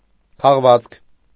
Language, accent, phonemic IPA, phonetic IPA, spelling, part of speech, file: Armenian, Eastern Armenian, /kʰɑʁˈvɑt͡skʰ/, [kʰɑʁvɑ́t͡skʰ], քաղվածք, noun, Hy-քաղվածք.ogg
- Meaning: extract, excerpt